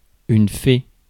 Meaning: fairy, fay
- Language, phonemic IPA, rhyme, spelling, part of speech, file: French, /fe/, -e, fée, noun, Fr-fée.ogg